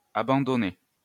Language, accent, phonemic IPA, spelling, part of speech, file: French, France, /a.bɑ̃.dɔ.nɛ/, abandonnais, verb, LL-Q150 (fra)-abandonnais.wav
- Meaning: first/second-person singular imperfect indicative of abandonner